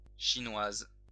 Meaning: feminine singular of chinois
- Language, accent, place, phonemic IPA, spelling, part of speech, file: French, France, Lyon, /ʃi.nwaz/, chinoise, adjective, LL-Q150 (fra)-chinoise.wav